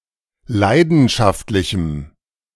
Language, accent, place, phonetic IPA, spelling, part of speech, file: German, Germany, Berlin, [ˈlaɪ̯dn̩ʃaftlɪçm̩], leidenschaftlichem, adjective, De-leidenschaftlichem.ogg
- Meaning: strong dative masculine/neuter singular of leidenschaftlich